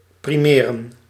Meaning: to have priority, to prevail (over)
- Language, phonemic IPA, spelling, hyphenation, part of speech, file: Dutch, /ˌpriˈmeː.rə(n)/, primeren, pri‧me‧ren, verb, Nl-primeren.ogg